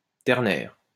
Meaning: ternary
- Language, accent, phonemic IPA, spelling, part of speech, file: French, France, /tɛʁ.nɛʁ/, ternaire, adjective, LL-Q150 (fra)-ternaire.wav